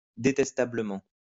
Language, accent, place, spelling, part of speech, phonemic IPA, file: French, France, Lyon, détestablement, adverb, /de.tɛs.ta.blə.mɑ̃/, LL-Q150 (fra)-détestablement.wav
- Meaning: detestably